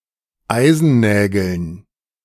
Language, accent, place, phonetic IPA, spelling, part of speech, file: German, Germany, Berlin, [ˈaɪ̯zn̩ˌnɛːɡl̩n], Eisennägeln, noun, De-Eisennägeln.ogg
- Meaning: dative plural of Eisennagel